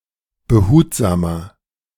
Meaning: inflection of behutsam: 1. strong/mixed nominative masculine singular 2. strong genitive/dative feminine singular 3. strong genitive plural
- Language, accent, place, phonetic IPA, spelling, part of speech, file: German, Germany, Berlin, [bəˈhuːtzaːmɐ], behutsamer, adjective, De-behutsamer.ogg